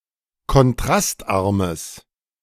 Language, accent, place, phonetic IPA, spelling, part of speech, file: German, Germany, Berlin, [kɔnˈtʁastˌʔaʁməs], kontrastarmes, adjective, De-kontrastarmes.ogg
- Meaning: strong/mixed nominative/accusative neuter singular of kontrastarm